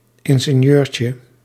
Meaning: diminutive of ingenieur
- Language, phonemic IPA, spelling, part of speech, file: Dutch, /ˌɪŋɣeˈɲørcə/, ingenieurtje, noun, Nl-ingenieurtje.ogg